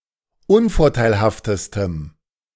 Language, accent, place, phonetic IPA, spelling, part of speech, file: German, Germany, Berlin, [ˈʊnfɔʁtaɪ̯lhaftəstəm], unvorteilhaftestem, adjective, De-unvorteilhaftestem.ogg
- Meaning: strong dative masculine/neuter singular superlative degree of unvorteilhaft